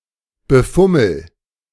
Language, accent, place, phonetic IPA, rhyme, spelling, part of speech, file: German, Germany, Berlin, [bəˈfʊml̩], -ʊml̩, befummel, verb, De-befummel.ogg
- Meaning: inflection of befummeln: 1. first-person singular present 2. singular imperative